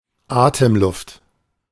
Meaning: breathing air, respiratory air, tidal air
- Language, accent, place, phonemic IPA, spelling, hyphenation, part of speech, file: German, Germany, Berlin, /ˈaːtəmˌlʊft/, Atemluft, Atem‧luft, noun, De-Atemluft.ogg